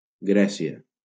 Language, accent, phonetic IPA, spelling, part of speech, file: Catalan, Valencia, [ˈɡɾɛ.si.a], Grècia, proper noun, LL-Q7026 (cat)-Grècia.wav
- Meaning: Greece (a country in Southeastern Europe)